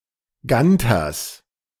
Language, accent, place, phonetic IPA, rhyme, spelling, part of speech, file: German, Germany, Berlin, [ˈɡantɐs], -antɐs, Ganters, noun, De-Ganters.ogg
- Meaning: genitive singular of Ganter